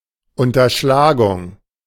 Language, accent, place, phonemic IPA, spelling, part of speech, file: German, Germany, Berlin, /ʊntɐˈʃlaːɡʊŋ/, Unterschlagung, noun, De-Unterschlagung.ogg
- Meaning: 1. embezzlement 2. conversion (taking with the intent of exercising over a chattel an ownership inconsistent with the real owner's right of possession)